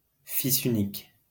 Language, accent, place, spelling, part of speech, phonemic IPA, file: French, France, Lyon, fils unique, noun, /fi.s‿y.nik/, LL-Q150 (fra)-fils unique.wav
- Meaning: only child